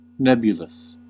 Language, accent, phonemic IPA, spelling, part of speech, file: English, US, /ˈnɛbjʊləs/, nebulous, adjective, En-us-nebulous.ogg
- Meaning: 1. In the form of a cloud or haze; hazy 2. Vague or ill-defined 3. Relating to a nebula or nebulae